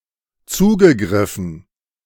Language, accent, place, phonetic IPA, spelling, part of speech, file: German, Germany, Berlin, [ˈt͡suːɡəˌɡʁɪfn̩], zugegriffen, verb, De-zugegriffen.ogg
- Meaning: past participle of zugreifen